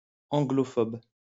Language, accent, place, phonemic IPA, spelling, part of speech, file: French, France, Lyon, /ɑ̃.ɡlɔ.fɔb/, anglophobe, adjective / noun, LL-Q150 (fra)-anglophobe.wav
- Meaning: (adjective) Anglophobic; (noun) Anglophobe